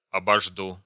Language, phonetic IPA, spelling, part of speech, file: Russian, [ɐbɐʐˈdu], обожду, verb, Ru-обожду.ogg
- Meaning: first-person singular future indicative perfective of обожда́ть (oboždátʹ)